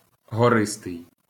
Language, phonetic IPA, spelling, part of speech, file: Ukrainian, [ɦɔˈrɪstei̯], гористий, adjective, LL-Q8798 (ukr)-гористий.wav
- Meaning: mountainous